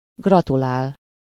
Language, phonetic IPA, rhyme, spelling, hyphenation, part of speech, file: Hungarian, [ˈɡrɒtulaːl], -aːl, gratulál, gra‧tu‧lál, verb, Hu-gratulál.ogg
- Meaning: to congratulate (to express one’s sympathetic pleasure or joy to the person(s) it is felt for; to someone -nak/-nek, for something: -hoz/-hez/-höz)